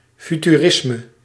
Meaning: futurism (Italian and Russian iconoclastic, future-oriented avant-garde art movement, in Italy aligned with fascism)
- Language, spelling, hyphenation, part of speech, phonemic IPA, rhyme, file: Dutch, futurisme, fu‧tu‧ris‧me, noun, /ˌfy.tyˈrɪs.mə/, -ɪsmə, Nl-futurisme.ogg